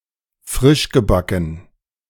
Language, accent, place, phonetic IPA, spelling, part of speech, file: German, Germany, Berlin, [ˈfʁɪʃɡəˌbakn̩], frischgebacken, adjective, De-frischgebacken.ogg
- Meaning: 1. freshly-baked 2. fledgling, newly-fledged